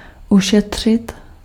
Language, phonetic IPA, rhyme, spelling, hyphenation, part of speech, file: Czech, [ˈuʃɛtr̝̊ɪt], -ɛtr̝̊ɪt, ušetřit, ušet‧řit, verb, Cs-ušetřit.ogg
- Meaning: to save up